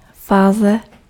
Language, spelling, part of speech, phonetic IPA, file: Czech, fáze, noun, [ˈfaːzɛ], Cs-fáze.ogg
- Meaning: 1. phase (like phases of the moon) 2. phase (phase of matter) 3. phase (initial angle of a sinusoid function at its origin)